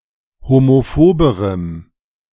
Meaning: strong dative masculine/neuter singular comparative degree of homophob
- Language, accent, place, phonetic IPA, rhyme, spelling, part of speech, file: German, Germany, Berlin, [homoˈfoːbəʁəm], -oːbəʁəm, homophoberem, adjective, De-homophoberem.ogg